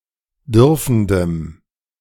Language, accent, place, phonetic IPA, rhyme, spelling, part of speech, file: German, Germany, Berlin, [ˈdʏʁfn̩dəm], -ʏʁfn̩dəm, dürfendem, adjective, De-dürfendem.ogg
- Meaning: strong dative masculine/neuter singular of dürfend